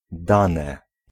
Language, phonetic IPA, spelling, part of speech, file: Polish, [ˈdãnɛ], dane, noun / verb / adjective, Pl-dane.ogg